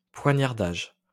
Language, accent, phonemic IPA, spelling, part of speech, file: French, France, /pwa.ɲaʁ.daʒ/, poignardage, noun, LL-Q150 (fra)-poignardage.wav
- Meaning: stabbing